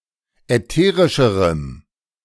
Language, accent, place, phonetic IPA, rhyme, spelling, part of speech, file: German, Germany, Berlin, [ɛˈteːʁɪʃəʁəm], -eːʁɪʃəʁəm, ätherischerem, adjective, De-ätherischerem.ogg
- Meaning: strong dative masculine/neuter singular comparative degree of ätherisch